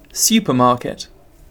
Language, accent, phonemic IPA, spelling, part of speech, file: English, UK, /ˌsuːpəˈmɑːkɪt/, supermarket, noun, En-uk-supermarket.ogg
- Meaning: 1. A large self-service store that sells groceries and, usually, medications, household goods, and/or clothing 2. A chain of such stores